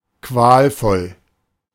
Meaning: excruciating, agonizing
- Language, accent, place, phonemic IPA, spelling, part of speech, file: German, Germany, Berlin, /ˈkvaːlˌfɔl/, qualvoll, adjective, De-qualvoll.ogg